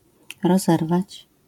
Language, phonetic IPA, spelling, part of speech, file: Polish, [rɔˈzɛrvat͡ɕ], rozerwać, verb, LL-Q809 (pol)-rozerwać.wav